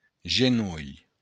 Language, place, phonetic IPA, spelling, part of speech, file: Occitan, Béarn, [(d)ʒeˈnul], genolh, noun, LL-Q14185 (oci)-genolh.wav
- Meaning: knee